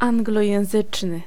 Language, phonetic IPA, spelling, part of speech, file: Polish, [ˌãŋɡlɔjɛ̃w̃ˈzɨt͡ʃnɨ], anglojęzyczny, adjective, Pl-anglojęzyczny.ogg